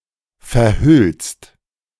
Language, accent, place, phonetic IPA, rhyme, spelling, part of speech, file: German, Germany, Berlin, [fɛɐ̯ˈhʏlst], -ʏlst, verhüllst, verb, De-verhüllst.ogg
- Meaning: second-person singular present of verhüllen